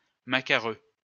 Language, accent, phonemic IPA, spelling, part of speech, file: French, France, /ma.ka.ʁø/, macareux, noun, LL-Q150 (fra)-macareux.wav
- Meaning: puffin (seabird with a coloured beak)